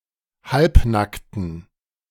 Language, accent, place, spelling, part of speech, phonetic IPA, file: German, Germany, Berlin, halbnackten, adjective, [ˈhalpˌnaktn̩], De-halbnackten.ogg
- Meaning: inflection of halbnackt: 1. strong genitive masculine/neuter singular 2. weak/mixed genitive/dative all-gender singular 3. strong/weak/mixed accusative masculine singular 4. strong dative plural